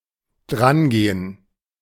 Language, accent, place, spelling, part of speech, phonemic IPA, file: German, Germany, Berlin, drangehen, verb, /ˈdranˌɡeːən/, De-drangehen.ogg
- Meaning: 1. to approach, touch, handle, use something (with pronominal adverb or an + accusative) 2. to accept a call, to pick up, answer